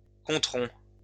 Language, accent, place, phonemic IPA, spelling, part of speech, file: French, France, Lyon, /kɔ̃.tʁɔ̃/, compterons, verb, LL-Q150 (fra)-compterons.wav
- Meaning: first-person plural future of compter